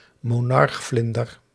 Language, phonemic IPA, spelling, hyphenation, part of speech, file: Dutch, /moˈnɑrɣvlɪndər/, monarchvlinder, mo‧narch‧vlin‧der, noun, Nl-monarchvlinder.ogg
- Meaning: monarch butterfly (Danais plexippus)